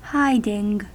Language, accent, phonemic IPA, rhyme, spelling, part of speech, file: English, US, /ˈhaɪdɪŋ/, -aɪdɪŋ, hiding, verb / noun, En-us-hiding.ogg
- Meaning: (verb) present participle and gerund of hide; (noun) 1. A state of concealment 2. A place of concealment 3. Skinning (of an animal) to yield a hide (for human use) 4. A beating or spanking